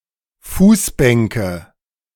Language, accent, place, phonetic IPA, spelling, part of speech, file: German, Germany, Berlin, [ˈfuːsˌbɛŋkə], Fußbänke, noun, De-Fußbänke.ogg
- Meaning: nominative/accusative/genitive plural of Fußbank